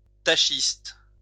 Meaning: tachiste
- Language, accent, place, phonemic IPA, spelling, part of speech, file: French, France, Lyon, /ta.ʃist/, tachiste, noun, LL-Q150 (fra)-tachiste.wav